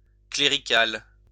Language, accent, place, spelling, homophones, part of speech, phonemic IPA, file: French, France, Lyon, clérical, cléricale / cléricales, adjective, /kle.ʁi.kal/, LL-Q150 (fra)-clérical.wav
- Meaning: 1. clergy; clerical 2. clerical work; clerical